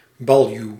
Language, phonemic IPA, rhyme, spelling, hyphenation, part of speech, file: Dutch, /bɑlˈjyu̯/, -yu̯, baljuw, bal‧juw, noun, Nl-baljuw.ogg
- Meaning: bailiff, reeve, a feudal, mainly judicial official, individually appointed by a lord with a fixed territorial jurisdiction